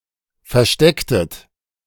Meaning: inflection of verstecken: 1. second-person plural preterite 2. second-person plural subjunctive II
- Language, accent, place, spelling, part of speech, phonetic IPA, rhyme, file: German, Germany, Berlin, verstecktet, verb, [fɛɐ̯ˈʃtɛktət], -ɛktət, De-verstecktet.ogg